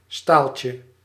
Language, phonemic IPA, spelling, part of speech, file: Dutch, /ˈstalcə/, staaltje, noun, Nl-staaltje.ogg
- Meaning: diminutive of staal (“example”)